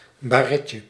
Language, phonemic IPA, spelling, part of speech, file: Dutch, /baˈrɛcə/, baretje, noun, Nl-baretje.ogg
- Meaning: diminutive of baret